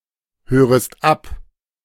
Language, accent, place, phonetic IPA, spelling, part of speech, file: German, Germany, Berlin, [ˌhøːʁəst ˈap], hörest ab, verb, De-hörest ab.ogg
- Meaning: second-person singular subjunctive I of abhören